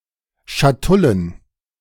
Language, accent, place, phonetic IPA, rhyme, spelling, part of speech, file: German, Germany, Berlin, [ʃaˈtʊlən], -ʊlən, Schatullen, noun, De-Schatullen.ogg
- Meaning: plural of Schatulle